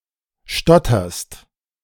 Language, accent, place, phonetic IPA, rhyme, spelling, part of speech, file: German, Germany, Berlin, [ˈʃtɔtɐst], -ɔtɐst, stotterst, verb, De-stotterst.ogg
- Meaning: second-person singular present of stottern